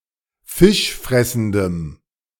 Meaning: strong dative masculine/neuter singular of fischfressend
- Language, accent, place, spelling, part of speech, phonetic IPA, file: German, Germany, Berlin, fischfressendem, adjective, [ˈfɪʃˌfʁɛsn̩dəm], De-fischfressendem.ogg